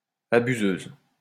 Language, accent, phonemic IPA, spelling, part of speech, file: French, France, /a.by.zøz/, abuseuse, noun, LL-Q150 (fra)-abuseuse.wav
- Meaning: female equivalent of abuseur